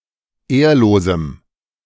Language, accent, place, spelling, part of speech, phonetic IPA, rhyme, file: German, Germany, Berlin, ehrlosem, adjective, [ˈeːɐ̯loːzm̩], -eːɐ̯loːzm̩, De-ehrlosem.ogg
- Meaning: strong dative masculine/neuter singular of ehrlos